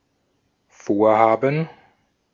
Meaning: gerund of vorhaben: 1. intention, project, plan 2. ellipsis of Bauvorhaben
- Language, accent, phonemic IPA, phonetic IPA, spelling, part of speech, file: German, Austria, /ˈfoːʁˌhaːbən/, [ˈfoːɐ̯ˌhaːbm̩], Vorhaben, noun, De-at-Vorhaben.ogg